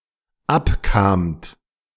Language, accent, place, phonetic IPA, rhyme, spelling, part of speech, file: German, Germany, Berlin, [ˈapˌkaːmt], -apkaːmt, abkamt, verb, De-abkamt.ogg
- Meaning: second-person plural dependent preterite of abkommen